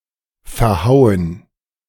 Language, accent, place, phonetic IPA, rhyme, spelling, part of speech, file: German, Germany, Berlin, [fɛɐ̯ˈhaʊ̯ən], -aʊ̯ən, Verhauen, noun, De-Verhauen.ogg
- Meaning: gerund of verhauen